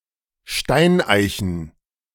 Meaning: plural of Steineiche
- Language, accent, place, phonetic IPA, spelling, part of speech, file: German, Germany, Berlin, [ˈʃtaɪ̯nˌʔaɪ̯çn̩], Steineichen, noun, De-Steineichen.ogg